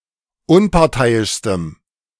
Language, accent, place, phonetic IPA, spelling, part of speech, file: German, Germany, Berlin, [ˈʊnpaʁˌtaɪ̯ɪʃstəm], unparteiischstem, adjective, De-unparteiischstem.ogg
- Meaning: strong dative masculine/neuter singular superlative degree of unparteiisch